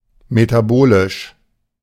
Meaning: metabolic
- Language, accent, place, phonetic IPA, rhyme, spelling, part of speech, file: German, Germany, Berlin, [metaˈboːlɪʃ], -oːlɪʃ, metabolisch, adjective, De-metabolisch.ogg